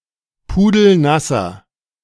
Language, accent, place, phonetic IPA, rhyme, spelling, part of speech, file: German, Germany, Berlin, [ˌpuːdl̩ˈnasɐ], -asɐ, pudelnasser, adjective, De-pudelnasser.ogg
- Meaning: inflection of pudelnass: 1. strong/mixed nominative masculine singular 2. strong genitive/dative feminine singular 3. strong genitive plural